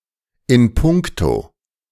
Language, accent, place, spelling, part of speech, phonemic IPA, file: German, Germany, Berlin, in puncto, preposition, /ɪn ˈpʊŋkto/, De-in puncto.ogg
- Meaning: regarding